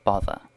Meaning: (verb) 1. To annoy, to disturb, to irritate; to be troublesome to, to make trouble for 2. To annoy, to disturb, to irritate; to be troublesome to, to make trouble for.: Damn; curse
- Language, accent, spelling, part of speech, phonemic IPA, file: English, UK, bother, verb / noun / interjection, /ˈbɒðə(ɹ)/, En-uk-bother.ogg